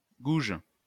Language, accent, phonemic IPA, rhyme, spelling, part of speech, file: French, France, /ɡuʒ/, -uʒ, gouge, noun / verb, LL-Q150 (fra)-gouge.wav
- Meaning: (noun) 1. gouge (groove) 2. gouge (tool) 3. female servant 4. prostitute; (verb) inflection of gouger: first/third-person singular present indicative/subjunctive